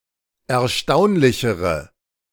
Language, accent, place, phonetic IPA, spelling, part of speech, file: German, Germany, Berlin, [ɛɐ̯ˈʃtaʊ̯nlɪçəʁə], erstaunlichere, adjective, De-erstaunlichere.ogg
- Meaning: inflection of erstaunlich: 1. strong/mixed nominative/accusative feminine singular comparative degree 2. strong nominative/accusative plural comparative degree